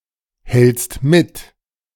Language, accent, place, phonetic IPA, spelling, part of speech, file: German, Germany, Berlin, [ˌhɛlt͡st ˈmɪt], hältst mit, verb, De-hältst mit.ogg
- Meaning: second-person singular present of mithalten